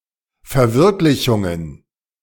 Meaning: plural of Verwirklichung
- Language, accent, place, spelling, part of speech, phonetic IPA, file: German, Germany, Berlin, Verwirklichungen, noun, [fɛɐ̯ˈvɪʁklɪçʊŋən], De-Verwirklichungen.ogg